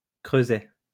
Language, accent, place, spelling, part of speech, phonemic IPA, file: French, France, Lyon, creuset, noun, /kʁø.zɛ/, LL-Q150 (fra)-creuset.wav
- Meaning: 1. crucible, smelter 2. melting-pot